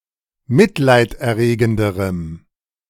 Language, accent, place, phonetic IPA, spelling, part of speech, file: German, Germany, Berlin, [ˈmɪtlaɪ̯tʔɛɐ̯ˌʁeːɡn̩dəʁəm], mitleiderregenderem, adjective, De-mitleiderregenderem.ogg
- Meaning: strong dative masculine/neuter singular comparative degree of mitleiderregend